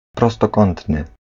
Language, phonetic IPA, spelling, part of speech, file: Polish, [ˌprɔstɔˈkɔ̃ntnɨ], prostokątny, adjective, Pl-prostokątny.ogg